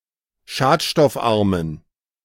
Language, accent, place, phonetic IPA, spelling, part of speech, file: German, Germany, Berlin, [ˈʃaːtʃtɔfˌʔaʁmən], schadstoffarmen, adjective, De-schadstoffarmen.ogg
- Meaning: inflection of schadstoffarm: 1. strong genitive masculine/neuter singular 2. weak/mixed genitive/dative all-gender singular 3. strong/weak/mixed accusative masculine singular 4. strong dative plural